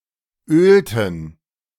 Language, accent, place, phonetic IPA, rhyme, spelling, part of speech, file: German, Germany, Berlin, [ˈøːltn̩], -øːltn̩, ölten, verb, De-ölten.ogg
- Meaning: inflection of ölen: 1. first/third-person plural preterite 2. first/third-person plural subjunctive II